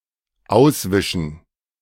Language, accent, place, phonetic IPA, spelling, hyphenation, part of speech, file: German, Germany, Berlin, [ˈaʊ̯sˌvɪʃn̩], auswischen, aus‧wi‧schen, verb, De-auswischen.ogg
- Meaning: to wipe clean, to rub out something